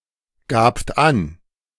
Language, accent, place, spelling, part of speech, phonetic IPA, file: German, Germany, Berlin, gabt an, verb, [ˌɡaːpt ˈan], De-gabt an.ogg
- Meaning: second-person plural preterite of angeben